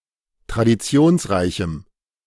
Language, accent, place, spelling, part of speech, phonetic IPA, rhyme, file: German, Germany, Berlin, traditionsreichem, adjective, [tʁadiˈt͡si̯oːnsˌʁaɪ̯çm̩], -oːnsʁaɪ̯çm̩, De-traditionsreichem.ogg
- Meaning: strong dative masculine/neuter singular of traditionsreich